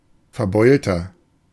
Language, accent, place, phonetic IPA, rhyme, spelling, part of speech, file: German, Germany, Berlin, [fɛɐ̯ˈbɔɪ̯ltɐ], -ɔɪ̯ltɐ, verbeulter, adjective, De-verbeulter.ogg
- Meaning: 1. comparative degree of verbeult 2. inflection of verbeult: strong/mixed nominative masculine singular 3. inflection of verbeult: strong genitive/dative feminine singular